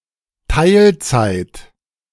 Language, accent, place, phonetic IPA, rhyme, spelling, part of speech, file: German, Germany, Berlin, [ˈtaɪ̯lˌt͡saɪ̯t], -aɪ̯lt͡saɪ̯t, Teilzeit, noun, De-Teilzeit.ogg
- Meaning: part time